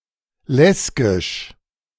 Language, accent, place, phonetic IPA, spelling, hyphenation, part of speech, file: German, Germany, Berlin, [ˈlɛsɡɪʃ], Lesgisch, Les‧gisch, noun, De-Lesgisch.ogg
- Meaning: Lezgian